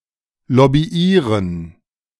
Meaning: to lobby (to attempt to influence in favor of a specific opinion or cause)
- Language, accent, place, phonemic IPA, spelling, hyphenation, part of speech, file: German, Germany, Berlin, /lɔbiˈʔiːʁən/, lobbyieren, lob‧by‧ie‧ren, verb, De-lobbyieren.ogg